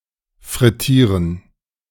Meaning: to deep-fry
- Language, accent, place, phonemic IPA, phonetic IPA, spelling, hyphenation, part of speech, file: German, Germany, Berlin, /fʁɪˈtiːʁən/, [fʁɪˈtʰiːɐ̯n], frittieren, frit‧tie‧ren, verb, De-frittieren2.ogg